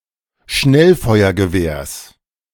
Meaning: genitive singular of Schnellfeuergewehr
- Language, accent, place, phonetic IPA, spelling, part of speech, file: German, Germany, Berlin, [ˈʃnɛlfɔɪ̯ɐɡəˌveːɐ̯s], Schnellfeuergewehrs, noun, De-Schnellfeuergewehrs.ogg